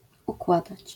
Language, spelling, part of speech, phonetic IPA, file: Polish, układać, verb, [ukˈwadat͡ɕ], LL-Q809 (pol)-układać.wav